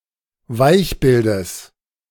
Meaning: genitive singular of Weichbild
- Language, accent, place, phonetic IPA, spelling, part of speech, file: German, Germany, Berlin, [ˈvaɪ̯çˌbɪldəs], Weichbildes, noun, De-Weichbildes.ogg